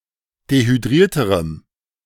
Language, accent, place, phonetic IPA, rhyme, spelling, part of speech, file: German, Germany, Berlin, [dehyˈdʁiːɐ̯təʁəm], -iːɐ̯təʁəm, dehydrierterem, adjective, De-dehydrierterem.ogg
- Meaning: strong dative masculine/neuter singular comparative degree of dehydriert